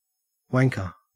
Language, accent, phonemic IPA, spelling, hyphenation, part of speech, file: English, Australia, /ˈwæŋkə/, wanker, wan‧ker, noun, En-au-wanker.ogg
- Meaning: 1. Someone who wanks; masturbates 2. A term of abuse.: An idiot, a stupid person 3. A term of abuse.: An annoying person 4. A term of abuse.: An ineffectual person